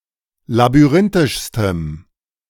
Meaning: strong dative masculine/neuter singular superlative degree of labyrinthisch
- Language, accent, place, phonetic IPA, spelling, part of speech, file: German, Germany, Berlin, [labyˈʁɪntɪʃstəm], labyrinthischstem, adjective, De-labyrinthischstem.ogg